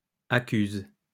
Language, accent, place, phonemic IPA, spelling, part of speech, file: French, France, Lyon, /a.kyz/, accuses, verb, LL-Q150 (fra)-accuses.wav
- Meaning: second-person singular present indicative/subjunctive of accuser